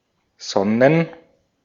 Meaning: plural of Sonne
- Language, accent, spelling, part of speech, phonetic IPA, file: German, Austria, Sonnen, noun, [ˈzɔnən], De-at-Sonnen.ogg